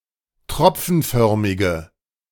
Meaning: inflection of tropfenförmig: 1. strong/mixed nominative/accusative feminine singular 2. strong nominative/accusative plural 3. weak nominative all-gender singular
- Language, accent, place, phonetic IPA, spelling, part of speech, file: German, Germany, Berlin, [ˈtʁɔp͡fn̩ˌfœʁmɪɡə], tropfenförmige, adjective, De-tropfenförmige.ogg